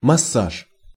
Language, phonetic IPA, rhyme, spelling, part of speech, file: Russian, [mɐˈsaʂ], -aʂ, массаж, noun, Ru-массаж.ogg
- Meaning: massage